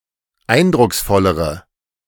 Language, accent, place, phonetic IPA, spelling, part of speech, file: German, Germany, Berlin, [ˈaɪ̯ndʁʊksˌfɔləʁə], eindrucksvollere, adjective, De-eindrucksvollere.ogg
- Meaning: inflection of eindrucksvoll: 1. strong/mixed nominative/accusative feminine singular comparative degree 2. strong nominative/accusative plural comparative degree